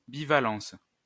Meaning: bivalence
- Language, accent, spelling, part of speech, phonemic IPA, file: French, France, bivalence, noun, /bi.va.lɑ̃s/, LL-Q150 (fra)-bivalence.wav